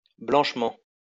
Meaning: 1. cleanly 2. in clean clothes
- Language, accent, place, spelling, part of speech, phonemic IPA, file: French, France, Lyon, blanchement, adverb, /blɑ̃ʃ.mɑ̃/, LL-Q150 (fra)-blanchement.wav